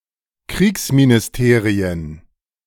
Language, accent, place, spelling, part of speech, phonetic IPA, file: German, Germany, Berlin, Kriegsministerien, noun, [ˈkʁiːksminɪsˌteːʁiən], De-Kriegsministerien.ogg
- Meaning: plural of Kriegsministerium